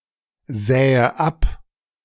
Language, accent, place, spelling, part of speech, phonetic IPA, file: German, Germany, Berlin, sähe ab, verb, [ˌzɛːə ˈap], De-sähe ab.ogg
- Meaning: first/third-person singular subjunctive II of absehen